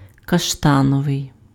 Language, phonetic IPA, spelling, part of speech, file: Ukrainian, [kɐʃˈtanɔʋei̯], каштановий, adjective, Uk-каштановий.ogg
- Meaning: chestnut